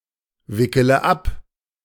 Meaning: inflection of abwickeln: 1. first-person singular present 2. first/third-person singular subjunctive I 3. singular imperative
- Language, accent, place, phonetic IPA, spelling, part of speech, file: German, Germany, Berlin, [ˌvɪkələ ˈap], wickele ab, verb, De-wickele ab.ogg